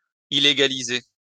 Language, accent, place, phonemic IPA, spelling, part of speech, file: French, France, Lyon, /i.le.ɡa.li.ze/, illégaliser, verb, LL-Q150 (fra)-illégaliser.wav
- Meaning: to illegalise (make illegal)